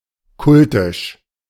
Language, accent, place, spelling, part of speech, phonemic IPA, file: German, Germany, Berlin, kultisch, adjective, /ˈkʊltɪʃ/, De-kultisch.ogg
- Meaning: cultic (related to religious ritual)